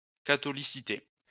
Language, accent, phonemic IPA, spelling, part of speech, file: French, France, /ka.tɔ.li.si.te/, catholicité, noun, LL-Q150 (fra)-catholicité.wav
- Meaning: catholicity